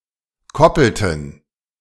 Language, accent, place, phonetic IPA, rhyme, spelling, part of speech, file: German, Germany, Berlin, [ˈkɔpl̩tn̩], -ɔpl̩tn̩, koppelten, verb, De-koppelten.ogg
- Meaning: inflection of koppeln: 1. first/third-person plural preterite 2. first/third-person plural subjunctive II